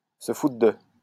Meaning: 1. to not give a damn about (something) 2. to take the piss out of (someone), to make fun of someone
- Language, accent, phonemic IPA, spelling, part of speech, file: French, France, /sə fu.tʁə də/, se foutre de, verb, LL-Q150 (fra)-se foutre de.wav